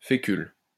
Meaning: starch from potatoes, manioc etc
- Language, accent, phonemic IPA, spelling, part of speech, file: French, France, /fe.kyl/, fécule, noun, LL-Q150 (fra)-fécule.wav